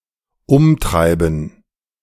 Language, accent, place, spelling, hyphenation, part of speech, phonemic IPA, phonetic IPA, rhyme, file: German, Germany, Berlin, umtreiben, um‧trei‧ben, verb, /ˈʊmˌtʁaɪ̯bən/, [ˈʊmˌtʁaɪ̯bn̩], -aɪ̯bən, De-umtreiben.ogg
- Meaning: 1. to drive around 2. to worry (someone)